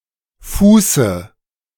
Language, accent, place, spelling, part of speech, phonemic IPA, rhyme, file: German, Germany, Berlin, Fuße, noun, /ˈfuːsə/, -uːsə, De-Fuße.ogg
- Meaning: dative singular of Fuß